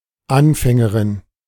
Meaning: a female beginner
- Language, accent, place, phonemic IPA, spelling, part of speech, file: German, Germany, Berlin, /ˈʔanfɛŋəʁɪn/, Anfängerin, noun, De-Anfängerin.ogg